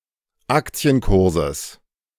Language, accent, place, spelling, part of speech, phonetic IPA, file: German, Germany, Berlin, Aktienkurses, noun, [ˈakt͡si̯ənˌkʊʁzəs], De-Aktienkurses.ogg
- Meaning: genitive singular of Aktienkurs